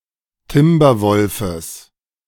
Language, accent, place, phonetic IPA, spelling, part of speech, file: German, Germany, Berlin, [ˈtɪmbɐˌvɔlfəs], Timberwolfes, noun, De-Timberwolfes.ogg
- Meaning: genitive singular of Timberwolf